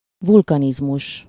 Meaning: volcanism
- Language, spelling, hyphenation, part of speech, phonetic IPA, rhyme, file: Hungarian, vulkanizmus, vul‧ka‧niz‧mus, noun, [ˈvulkɒnizmuʃ], -uʃ, Hu-vulkanizmus.ogg